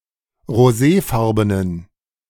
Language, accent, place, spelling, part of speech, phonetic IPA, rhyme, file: German, Germany, Berlin, roséfarbenen, adjective, [ʁoˈzeːˌfaʁbənən], -eːfaʁbənən, De-roséfarbenen.ogg
- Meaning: inflection of roséfarben: 1. strong genitive masculine/neuter singular 2. weak/mixed genitive/dative all-gender singular 3. strong/weak/mixed accusative masculine singular 4. strong dative plural